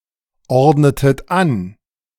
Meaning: inflection of anordnen: 1. second-person plural preterite 2. second-person plural subjunctive II
- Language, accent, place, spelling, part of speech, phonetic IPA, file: German, Germany, Berlin, ordnetet an, verb, [ˌɔʁdnətət ˈan], De-ordnetet an.ogg